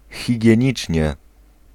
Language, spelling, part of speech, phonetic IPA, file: Polish, higienicznie, adverb, [ˌxʲiɟɛ̇̃ˈɲit͡ʃʲɲɛ], Pl-higienicznie.ogg